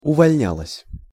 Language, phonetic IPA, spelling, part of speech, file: Russian, [ʊvɐlʲˈnʲaɫəsʲ], увольнялась, verb, Ru-увольнялась.ogg
- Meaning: feminine singular past indicative imperfective of увольня́ться (uvolʹnjátʹsja)